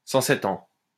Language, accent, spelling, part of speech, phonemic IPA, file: French, France, cent sept ans, adverb, /sɑ̃ sɛ.t‿ɑ̃/, LL-Q150 (fra)-cent sept ans.wav
- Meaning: a long time